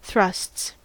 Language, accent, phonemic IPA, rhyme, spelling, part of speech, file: English, US, /ˈθɹʌsts/, -ʌsts, thrusts, noun / verb, En-us-thrusts.ogg
- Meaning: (noun) plural of thrust; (verb) third-person singular simple present indicative of thrust